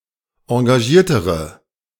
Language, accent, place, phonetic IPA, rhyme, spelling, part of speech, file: German, Germany, Berlin, [ɑ̃ɡaˈʒiːɐ̯təʁə], -iːɐ̯təʁə, engagiertere, adjective, De-engagiertere.ogg
- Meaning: inflection of engagiert: 1. strong/mixed nominative/accusative feminine singular comparative degree 2. strong nominative/accusative plural comparative degree